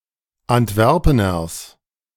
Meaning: genitive of Antwerpener
- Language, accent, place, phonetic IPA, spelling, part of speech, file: German, Germany, Berlin, [antˈvɛʁpənɐs], Antwerpeners, noun, De-Antwerpeners.ogg